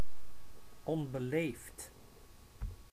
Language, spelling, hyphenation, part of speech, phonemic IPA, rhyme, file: Dutch, onbeleefd, on‧be‧leefd, adjective, /ˌɔn.bəˈleːft/, -eːft, Nl-onbeleefd.ogg
- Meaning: 1. uncivil, rude 2. cruel, callous